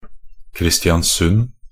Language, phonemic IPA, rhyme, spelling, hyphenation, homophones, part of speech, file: Norwegian Bokmål, /krɪstjanˈsʉn/, -ʉn, Kristiansund, Kris‧tian‧sund, Christianssund / Kristianssund, proper noun, Nb-kristiansund.ogg
- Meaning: Kristiansund (a town and municipality of Møre og Romsdal, Western Norway, Norway)